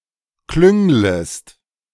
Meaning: second-person singular subjunctive I of klüngeln
- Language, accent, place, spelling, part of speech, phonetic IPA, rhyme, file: German, Germany, Berlin, klünglest, verb, [ˈklʏŋləst], -ʏŋləst, De-klünglest.ogg